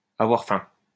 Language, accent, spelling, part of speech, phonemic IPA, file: French, France, avoir faim, verb, /a.vwaʁ fɛ̃/, LL-Q150 (fra)-avoir faim.wav
- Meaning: to be hungry